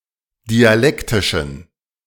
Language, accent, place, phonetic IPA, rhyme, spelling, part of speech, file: German, Germany, Berlin, [diaˈlɛktɪʃn̩], -ɛktɪʃn̩, dialektischen, adjective, De-dialektischen.ogg
- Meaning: inflection of dialektisch: 1. strong genitive masculine/neuter singular 2. weak/mixed genitive/dative all-gender singular 3. strong/weak/mixed accusative masculine singular 4. strong dative plural